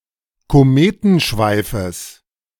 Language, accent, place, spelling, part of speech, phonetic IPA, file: German, Germany, Berlin, Kometenschweifes, noun, [koˈmeːtn̩ˌʃvaɪ̯fəs], De-Kometenschweifes.ogg
- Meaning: genitive singular of Kometenschweif